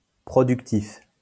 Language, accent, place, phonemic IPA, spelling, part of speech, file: French, France, Lyon, /pʁɔ.dyk.tif/, productif, adjective, LL-Q150 (fra)-productif.wav
- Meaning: productive